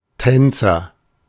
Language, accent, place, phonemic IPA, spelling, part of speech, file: German, Germany, Berlin, /ˈtɛnt͡sɐ/, Tänzer, noun, De-Tänzer.ogg
- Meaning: agent noun of tanzen; dancer